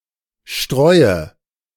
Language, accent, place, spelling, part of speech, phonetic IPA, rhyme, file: German, Germany, Berlin, streue, verb, [ˈʃtʁɔɪ̯ə], -ɔɪ̯ə, De-streue.ogg
- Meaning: inflection of streuen: 1. first-person singular present 2. singular imperative 3. first/third-person singular subjunctive I